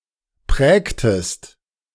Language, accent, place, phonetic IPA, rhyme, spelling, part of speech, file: German, Germany, Berlin, [ˈpʁɛːktəst], -ɛːktəst, prägtest, verb, De-prägtest.ogg
- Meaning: inflection of prägen: 1. second-person singular preterite 2. second-person singular subjunctive II